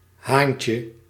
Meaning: diminutive of haan
- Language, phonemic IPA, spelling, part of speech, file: Dutch, /ˈhaɲcə/, haantje, noun, Nl-haantje.ogg